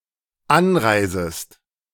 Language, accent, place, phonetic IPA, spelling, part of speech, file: German, Germany, Berlin, [ˈanˌʁaɪ̯zəst], anreisest, verb, De-anreisest.ogg
- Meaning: second-person singular dependent subjunctive I of anreisen